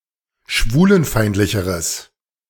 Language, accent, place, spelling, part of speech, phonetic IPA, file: German, Germany, Berlin, schwulenfeindlicheres, adjective, [ˈʃvuːlənˌfaɪ̯ntlɪçəʁəs], De-schwulenfeindlicheres.ogg
- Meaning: strong/mixed nominative/accusative neuter singular comparative degree of schwulenfeindlich